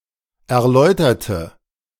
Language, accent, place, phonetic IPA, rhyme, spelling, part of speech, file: German, Germany, Berlin, [ɛɐ̯ˈlɔɪ̯tɐtə], -ɔɪ̯tɐtə, erläuterte, adjective / verb, De-erläuterte.ogg
- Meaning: inflection of erläutern: 1. first/third-person singular preterite 2. first/third-person singular subjunctive II